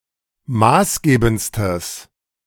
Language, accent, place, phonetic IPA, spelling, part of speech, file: German, Germany, Berlin, [ˈmaːsˌɡeːbn̩t͡stəs], maßgebendstes, adjective, De-maßgebendstes.ogg
- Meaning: strong/mixed nominative/accusative neuter singular superlative degree of maßgebend